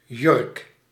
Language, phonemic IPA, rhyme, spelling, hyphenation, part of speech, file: Dutch, /jʏrk/, -ʏrk, jurk, jurk, noun, Nl-jurk.ogg
- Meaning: dress